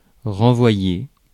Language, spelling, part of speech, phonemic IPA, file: French, renvoyer, verb, /ʁɑ̃.vwa.je/, Fr-renvoyer.ogg
- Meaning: 1. to resend, retransmit; to send again 2. to send back (to give back to the original sender) 3. to give back, throw back, post back, bounce back, swing back etc